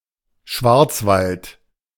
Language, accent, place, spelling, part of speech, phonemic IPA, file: German, Germany, Berlin, Schwarzwald, proper noun, /ˈʃvaʁt͡svalt/, De-Schwarzwald.ogg
- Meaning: Black Forest (a mountainous region in southwestern Germany)